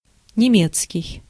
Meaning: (adjective) German; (noun) German (the German language)
- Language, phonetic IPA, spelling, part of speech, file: Russian, [nʲɪˈmʲet͡skʲɪj], немецкий, adjective / noun, Ru-немецкий.ogg